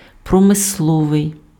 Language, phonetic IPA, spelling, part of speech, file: Ukrainian, [prɔmesˈɫɔʋei̯], промисловий, adjective, Uk-промисловий.ogg
- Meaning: industrial